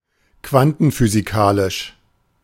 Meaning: quantum physics; quantum mechanical
- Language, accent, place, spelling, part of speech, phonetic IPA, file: German, Germany, Berlin, quantenphysikalisch, adjective, [ˈkvantn̩fyːziˌkaːlɪʃ], De-quantenphysikalisch.ogg